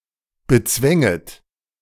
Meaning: second-person plural subjunctive II of bezwingen
- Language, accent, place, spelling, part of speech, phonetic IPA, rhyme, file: German, Germany, Berlin, bezwänget, verb, [bəˈt͡svɛŋət], -ɛŋət, De-bezwänget.ogg